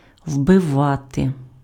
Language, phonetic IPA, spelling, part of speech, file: Ukrainian, [wbeˈʋate], вбивати, verb, Uk-вбивати.ogg
- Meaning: 1. to beat in, to drive in, to hammer in, to stick in (insert something into a surface or object with force) 2. alternative form of убива́ти (ubyváty, “to kill, to murder”)